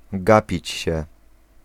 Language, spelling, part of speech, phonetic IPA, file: Polish, gapić się, verb, [ˈɡapʲit͡ɕ‿ɕɛ], Pl-gapić się.ogg